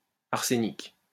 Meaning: arsenic (of oxidation state 5)
- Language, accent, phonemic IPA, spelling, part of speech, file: French, France, /aʁ.se.nik/, arsénique, adjective, LL-Q150 (fra)-arsénique.wav